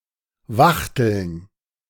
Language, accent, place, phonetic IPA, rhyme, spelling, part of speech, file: German, Germany, Berlin, [ˈvaxtl̩n], -axtl̩n, Wachteln, noun, De-Wachteln.ogg
- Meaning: plural of Wachtel